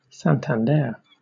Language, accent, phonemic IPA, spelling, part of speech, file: English, Southern England, /ˌsæntænˈdɛə(ɹ)/, Santander, proper noun, LL-Q1860 (eng)-Santander.wav
- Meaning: 1. A city and port, the capital of the autonomous community of Cantabria, on the north coast of Spain 2. A department in northern Colombia. See Wikipedia:Santander Department 3. A Spanish surname